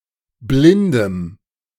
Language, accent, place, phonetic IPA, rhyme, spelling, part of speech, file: German, Germany, Berlin, [ˈblɪndəm], -ɪndəm, blindem, adjective, De-blindem.ogg
- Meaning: strong dative masculine/neuter singular of blind